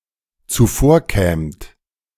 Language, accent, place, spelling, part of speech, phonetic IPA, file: German, Germany, Berlin, zuvorkämt, verb, [t͡suˈfoːɐ̯ˌkɛːmt], De-zuvorkämt.ogg
- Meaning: second-person plural dependent subjunctive II of zuvorkommen